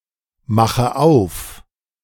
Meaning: inflection of aufmachen: 1. first-person singular present 2. first/third-person singular subjunctive I 3. singular imperative
- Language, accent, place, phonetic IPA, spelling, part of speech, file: German, Germany, Berlin, [ˌmaxə ˈaʊ̯f], mache auf, verb, De-mache auf.ogg